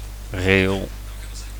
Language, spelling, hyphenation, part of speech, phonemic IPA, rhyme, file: Dutch, rail, rail, noun, /reːl/, -eːl, Nl-rail.ogg
- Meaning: rail